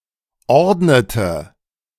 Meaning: inflection of ordnen: 1. first/third-person singular preterite 2. first/third-person singular subjunctive II
- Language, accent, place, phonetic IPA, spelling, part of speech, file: German, Germany, Berlin, [ˈɔʁdnətə], ordnete, verb, De-ordnete.ogg